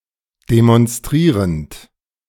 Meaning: present participle of demonstrieren
- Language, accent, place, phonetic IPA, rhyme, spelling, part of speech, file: German, Germany, Berlin, [demɔnˈstʁiːʁənt], -iːʁənt, demonstrierend, verb, De-demonstrierend.ogg